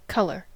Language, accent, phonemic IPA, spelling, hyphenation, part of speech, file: English, General American, /ˈkʌl.ɚ/, color, col‧or, noun / adjective / verb, En-us-color.ogg
- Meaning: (noun) 1. The spectral composition of visible light 2. A subset thereof: A particular set of visible spectral compositions, perceived or named as a class